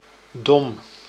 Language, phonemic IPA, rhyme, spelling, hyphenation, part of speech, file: Dutch, /dɔm/, -ɔm, dom, dom, adjective / noun, Nl-dom.ogg
- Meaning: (adjective) 1. dumb, brainless 2. stupid, silly 3. accidental, thoughtless